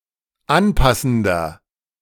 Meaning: inflection of anpassend: 1. strong/mixed nominative masculine singular 2. strong genitive/dative feminine singular 3. strong genitive plural
- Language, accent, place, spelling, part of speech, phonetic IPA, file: German, Germany, Berlin, anpassender, adjective, [ˈanˌpasn̩dɐ], De-anpassender.ogg